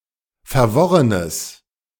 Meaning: strong/mixed nominative/accusative neuter singular of verworren
- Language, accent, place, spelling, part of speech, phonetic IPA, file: German, Germany, Berlin, verworrenes, adjective, [fɛɐ̯ˈvɔʁənəs], De-verworrenes.ogg